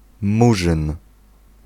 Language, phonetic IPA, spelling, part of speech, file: Polish, [ˈmuʒɨ̃n], murzyn, noun, Pl-murzyn.ogg